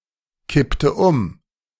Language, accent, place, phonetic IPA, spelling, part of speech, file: German, Germany, Berlin, [ˌkɪptə ˈʊm], kippte um, verb, De-kippte um.ogg
- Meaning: inflection of umkippen: 1. first/third-person singular preterite 2. first/third-person singular subjunctive II